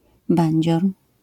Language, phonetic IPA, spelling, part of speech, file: Polish, [ˈbãɲd͡ʑɔr], bandzior, noun, LL-Q809 (pol)-bandzior.wav